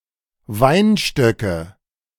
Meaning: nominative/accusative/genitive plural of Weinstock
- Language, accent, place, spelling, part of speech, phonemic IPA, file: German, Germany, Berlin, Weinstöcke, noun, /ˈvaɪnʃtœkə/, De-Weinstöcke.ogg